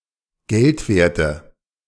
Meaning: inflection of geldwert: 1. strong/mixed nominative/accusative feminine singular 2. strong nominative/accusative plural 3. weak nominative all-gender singular
- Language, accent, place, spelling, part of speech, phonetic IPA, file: German, Germany, Berlin, geldwerte, adjective, [ˈɡɛltveːɐ̯tə], De-geldwerte.ogg